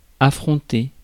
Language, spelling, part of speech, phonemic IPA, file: French, affronter, verb, /a.fʁɔ̃.te/, Fr-affronter.ogg
- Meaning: 1. to confront, face 2. to face off, to clash